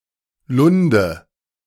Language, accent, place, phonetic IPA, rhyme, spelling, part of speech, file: German, Germany, Berlin, [ˈlʊndə], -ʊndə, Lunde, noun, De-Lunde.ogg
- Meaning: nominative/accusative/genitive plural of Lund